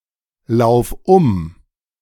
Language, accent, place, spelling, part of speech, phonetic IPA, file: German, Germany, Berlin, lauf um, verb, [ˌlaʊ̯f ˈʊm], De-lauf um.ogg
- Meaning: singular imperative of umlaufen